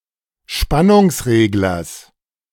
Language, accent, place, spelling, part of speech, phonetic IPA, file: German, Germany, Berlin, Spannungsreglers, noun, [ˈʃpanʊŋsˌʁeːɡlɐs], De-Spannungsreglers.ogg
- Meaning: genitive singular of Spannungsregler